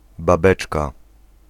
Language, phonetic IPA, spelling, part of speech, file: Polish, [baˈbɛt͡ʃka], babeczka, noun, Pl-babeczka.ogg